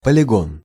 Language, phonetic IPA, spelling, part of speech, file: Russian, [pəlʲɪˈɡon], полигон, noun, Ru-полигон.ogg
- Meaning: 1. polygon 2. firing range, ordnance yard